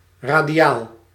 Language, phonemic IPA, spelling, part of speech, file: Dutch, /ˌradiˈjal/, radiaal, noun / adjective, Nl-radiaal.ogg
- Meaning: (adjective) radial; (noun) radian